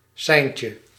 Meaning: diminutive of sein
- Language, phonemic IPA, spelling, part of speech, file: Dutch, /ˈsɛi̯n.tjə/, seintje, noun, Nl-seintje.ogg